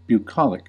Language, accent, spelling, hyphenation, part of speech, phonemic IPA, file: English, US, bucolic, bu‧col‧ic, adjective / noun, /bjuˈkɑlɪk/, En-us-bucolic.ogg
- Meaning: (adjective) 1. Rustic, pastoral, country-styled 2. Relating to the pleasant aspects of rustic country life 3. Pertaining to herdsmen or peasants; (noun) 1. A pastoral poem 2. A rustic, peasant